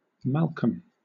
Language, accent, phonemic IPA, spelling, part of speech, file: English, Southern England, /ˈmæl.kəm/, Malcolm, proper noun, LL-Q1860 (eng)-Malcolm.wav
- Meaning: 1. A male given name from Scottish Gaelic or Goidelic, variant of Calum and Callum, feminine equivalent Malcolmina, equivalent to Scottish Gaelic Maol Chaluim 2. A surname